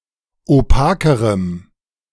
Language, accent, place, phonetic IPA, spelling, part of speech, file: German, Germany, Berlin, [oˈpaːkəʁəm], opakerem, adjective, De-opakerem.ogg
- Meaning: strong dative masculine/neuter singular comparative degree of opak